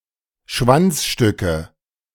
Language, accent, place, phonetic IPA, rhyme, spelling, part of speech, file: German, Germany, Berlin, [ˈʃvant͡sˌʃtʏkə], -ant͡sʃtʏkə, Schwanzstücke, noun, De-Schwanzstücke.ogg
- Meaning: nominative/accusative/genitive plural of Schwanzstück